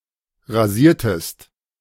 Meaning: inflection of rasieren: 1. second-person singular preterite 2. second-person singular subjunctive II
- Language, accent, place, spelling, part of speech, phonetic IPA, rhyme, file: German, Germany, Berlin, rasiertest, verb, [ʁaˈziːɐ̯təst], -iːɐ̯təst, De-rasiertest.ogg